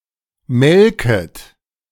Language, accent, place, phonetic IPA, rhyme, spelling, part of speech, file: German, Germany, Berlin, [ˈmɛlkət], -ɛlkət, melket, verb, De-melket.ogg
- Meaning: second-person plural subjunctive I of melken